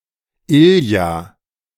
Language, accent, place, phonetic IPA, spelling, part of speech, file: German, Germany, Berlin, [ˈilja], Ilja, proper noun, De-Ilja.ogg
- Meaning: 1. a transliteration of the Russian male given name Илья́ (Ilʹjá) 2. a male given name from Russian